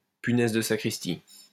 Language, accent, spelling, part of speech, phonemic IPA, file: French, France, punaise de sacristie, noun, /py.nɛz də sa.kʁis.ti/, LL-Q150 (fra)-punaise de sacristie.wav
- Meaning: a Holy Mary, a zealot, a God botherer, a Jesus freak, a Bible thumper (an excessively pious woman, a woman who spends a lot of a time in the church)